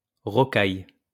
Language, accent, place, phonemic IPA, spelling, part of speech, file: French, France, Lyon, /ʁɔ.kaj/, rocaille, noun / adjective, LL-Q150 (fra)-rocaille.wav
- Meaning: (noun) rocks; rockery; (adjective) rococo